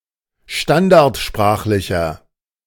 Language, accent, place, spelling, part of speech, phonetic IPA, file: German, Germany, Berlin, standardsprachlicher, adjective, [ˈʃtandaʁtˌʃpʁaːxlɪçɐ], De-standardsprachlicher.ogg
- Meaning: inflection of standardsprachlich: 1. strong/mixed nominative masculine singular 2. strong genitive/dative feminine singular 3. strong genitive plural